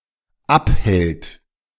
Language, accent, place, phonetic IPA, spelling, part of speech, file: German, Germany, Berlin, [ˈapˌhɛlt], abhält, verb, De-abhält.ogg
- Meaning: third-person singular dependent present of abhalten